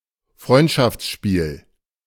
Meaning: friendly match
- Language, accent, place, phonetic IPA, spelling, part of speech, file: German, Germany, Berlin, [ˈfʁɔɪ̯ntʃaft͡sˌʃpiːl], Freundschaftsspiel, noun, De-Freundschaftsspiel.ogg